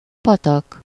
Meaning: 1. stream, brook, runnel, rivulet (a body of running water smaller than a river) 2. stream
- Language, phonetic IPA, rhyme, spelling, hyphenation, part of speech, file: Hungarian, [ˈpɒtɒk], -ɒk, patak, pa‧tak, noun, Hu-patak.ogg